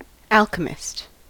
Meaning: 1. One who practices alchemy 2. One who blends material or substances in the nature or supposed nature of alchemy
- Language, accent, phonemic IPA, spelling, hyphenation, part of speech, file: English, US, /ˈæl.kə.mɪst/, alchemist, al‧che‧mist, noun, En-us-alchemist.ogg